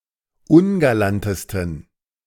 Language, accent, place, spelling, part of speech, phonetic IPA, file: German, Germany, Berlin, ungalantesten, adjective, [ˈʊnɡalantəstn̩], De-ungalantesten.ogg
- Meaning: 1. superlative degree of ungalant 2. inflection of ungalant: strong genitive masculine/neuter singular superlative degree